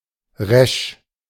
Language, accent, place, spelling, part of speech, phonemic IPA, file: German, Germany, Berlin, resch, adjective, /ʁɛʃ/, De-resch.ogg
- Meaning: 1. crisp, crispy, freshly baked or fried 2. tangy, tart (e.g., of the taste of wine) 3. cheerful, lively 4. direct, determined, harsh